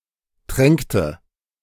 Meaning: inflection of tränken: 1. first/third-person singular preterite 2. first/third-person singular subjunctive II
- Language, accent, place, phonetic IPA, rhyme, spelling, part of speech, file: German, Germany, Berlin, [ˈtʁɛŋktə], -ɛŋktə, tränkte, verb, De-tränkte.ogg